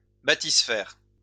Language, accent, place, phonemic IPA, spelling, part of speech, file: French, France, Lyon, /ba.tis.fɛʁ/, bathysphère, noun, LL-Q150 (fra)-bathysphère.wav
- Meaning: bathysphere